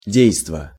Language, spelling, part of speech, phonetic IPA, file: Russian, действо, noun, [ˈdʲejstvə], Ru-действо.ogg
- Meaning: action